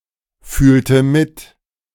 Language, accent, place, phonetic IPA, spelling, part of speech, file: German, Germany, Berlin, [ˌfyːltə ˈmɪt], fühlte mit, verb, De-fühlte mit.ogg
- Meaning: inflection of mitfühlen: 1. first/third-person singular preterite 2. first/third-person singular subjunctive II